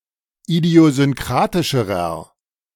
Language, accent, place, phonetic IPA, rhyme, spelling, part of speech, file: German, Germany, Berlin, [idi̯ozʏnˈkʁaːtɪʃəʁɐ], -aːtɪʃəʁɐ, idiosynkratischerer, adjective, De-idiosynkratischerer.ogg
- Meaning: inflection of idiosynkratisch: 1. strong/mixed nominative masculine singular comparative degree 2. strong genitive/dative feminine singular comparative degree